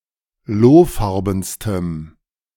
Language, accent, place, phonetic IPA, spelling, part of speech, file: German, Germany, Berlin, [ˈloːˌfaʁbn̩stəm], lohfarbenstem, adjective, De-lohfarbenstem.ogg
- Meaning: strong dative masculine/neuter singular superlative degree of lohfarben